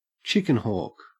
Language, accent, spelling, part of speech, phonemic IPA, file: English, Australia, chickenhawk, noun, /ˈt͡ʃɪkɪnˌhɔk/, En-au-chickenhawk.ogg
- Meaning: Any of the North American hawk species (Cooper's hawk, sharp-shinned hawk and red-tailed hawk), or counterparts elsewhere, mistakenly believed to be pests